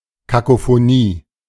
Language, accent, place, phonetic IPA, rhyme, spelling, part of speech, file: German, Germany, Berlin, [kakofoˈniː], -iː, Kakophonie, noun, De-Kakophonie.ogg
- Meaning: cacophony